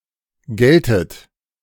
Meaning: inflection of gelten: 1. second-person plural present 2. second-person plural subjunctive I 3. plural imperative
- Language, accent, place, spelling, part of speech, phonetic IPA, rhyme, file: German, Germany, Berlin, geltet, verb, [ˈɡɛltət], -ɛltət, De-geltet.ogg